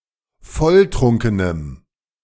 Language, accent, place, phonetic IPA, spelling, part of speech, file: German, Germany, Berlin, [ˈfɔlˌtʁʊŋkənəm], volltrunkenem, adjective, De-volltrunkenem.ogg
- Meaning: strong dative masculine/neuter singular of volltrunken